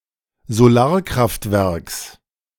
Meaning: genitive singular of Solarkraftwerk
- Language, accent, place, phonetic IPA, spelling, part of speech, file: German, Germany, Berlin, [zoˈlaːɐ̯kʁaftˌvɛʁks], Solarkraftwerks, noun, De-Solarkraftwerks.ogg